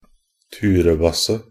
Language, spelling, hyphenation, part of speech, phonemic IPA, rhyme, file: Norwegian Bokmål, turebasse, tu‧re‧bas‧se, noun, /ˈtʉːrəbasːə/, -asːə, Nb-turebasse.ogg
- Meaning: drunkard, a person who is constantly out drinking (alcohol)